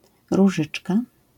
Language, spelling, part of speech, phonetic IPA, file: Polish, różyczka, noun, [ruˈʒɨt͡ʃka], LL-Q809 (pol)-różyczka.wav